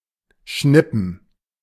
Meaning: 1. to snap one's fingers 2. to strike with a finger
- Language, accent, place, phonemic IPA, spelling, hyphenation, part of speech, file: German, Germany, Berlin, /ˈʃnɪpn̩/, schnippen, schnip‧pen, verb, De-schnippen.ogg